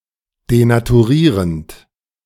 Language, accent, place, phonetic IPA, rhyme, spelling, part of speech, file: German, Germany, Berlin, [denatuˈʁiːʁənt], -iːʁənt, denaturierend, verb, De-denaturierend.ogg
- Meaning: present participle of denaturieren